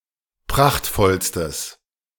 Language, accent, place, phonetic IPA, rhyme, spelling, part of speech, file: German, Germany, Berlin, [ˈpʁaxtfɔlstəs], -axtfɔlstəs, prachtvollstes, adjective, De-prachtvollstes.ogg
- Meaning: strong/mixed nominative/accusative neuter singular superlative degree of prachtvoll